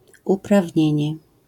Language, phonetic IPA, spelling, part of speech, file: Polish, [ˌupravʲˈɲɛ̇̃ɲɛ], uprawnienie, noun, LL-Q809 (pol)-uprawnienie.wav